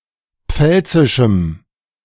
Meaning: strong dative masculine/neuter singular of pfälzisch
- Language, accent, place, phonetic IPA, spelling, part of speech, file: German, Germany, Berlin, [ˈp͡fɛlt͡sɪʃm̩], pfälzischem, adjective, De-pfälzischem.ogg